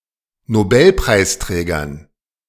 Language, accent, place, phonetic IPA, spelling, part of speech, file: German, Germany, Berlin, [noˈbɛlpʁaɪ̯sˌtʁɛːɡɐn], Nobelpreisträgern, noun, De-Nobelpreisträgern.ogg
- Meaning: dative plural of Nobelpreisträger